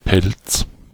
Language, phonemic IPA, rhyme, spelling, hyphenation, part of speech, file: German, /pɛlt͡s/, -ɛlt͡s, Pelz, Pelz, noun, De-Pelz.ogg
- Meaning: 1. fur 2. fur, animal's pelt 3. fur (coat or other clothing item made from fur) 4. furry (member of furry fandom)